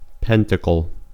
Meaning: A flat talisman, almost always star-shaped, made of parchment, sheet metal, or other substance, marked with a magic symbol or symbols, used in magical evocation
- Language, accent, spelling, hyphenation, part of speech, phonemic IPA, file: English, US, pentacle, pen‧ta‧cle, noun, /ˈpɛnt.ə.kl̩/, En-us-pentacle.ogg